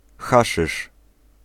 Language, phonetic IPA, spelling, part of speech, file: Polish, [ˈxaʃɨʃ], haszysz, noun, Pl-haszysz.ogg